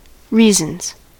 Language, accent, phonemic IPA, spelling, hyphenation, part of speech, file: English, US, /ˈɹiː.zənz/, reasons, rea‧sons, noun / verb, En-us-reasons.ogg
- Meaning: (noun) 1. plural of reason 2. A written judgment or ruling by a judge or similar decision maker; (verb) third-person singular simple present indicative of reason